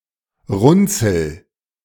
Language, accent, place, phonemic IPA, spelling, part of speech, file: German, Germany, Berlin, /ˈrʊntsl̩/, Runzel, noun, De-Runzel.ogg
- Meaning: wrinkle